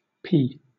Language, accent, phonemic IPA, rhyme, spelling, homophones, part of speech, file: English, Southern England, /ˈpiː/, -iː, pee, P / p / pea, noun / verb, LL-Q1860 (eng)-pee.wav
- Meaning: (noun) 1. Urine 2. An act of urination; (verb) 1. To urinate 2. To urinate.: To urinate on oneself 3. To urinate.: To urinate in or on something, particularly clothing 4. To drizzle